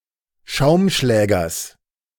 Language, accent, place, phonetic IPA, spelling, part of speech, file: German, Germany, Berlin, [ˈʃaʊ̯mˌʃlɛːɡɐs], Schaumschlägers, noun, De-Schaumschlägers.ogg
- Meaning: genitive singular of Schaumschläger